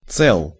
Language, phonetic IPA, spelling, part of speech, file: Russian, [t͡sɛɫ], цел, adjective, Ru-цел.ogg
- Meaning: short masculine singular of це́лый (célyj)